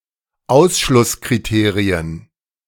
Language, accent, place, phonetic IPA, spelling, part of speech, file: German, Germany, Berlin, [ˈaʊ̯sʃlʊskʁiˌteːʁiən], Ausschlusskriterien, noun, De-Ausschlusskriterien.ogg
- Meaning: plural of Ausschlusskriterium